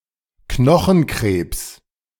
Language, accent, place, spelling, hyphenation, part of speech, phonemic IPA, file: German, Germany, Berlin, Knochenkrebs, Kno‧chen‧krebs, noun, /ˈknɔxn̩ˌkʁeːps/, De-Knochenkrebs.ogg
- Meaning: bone cancer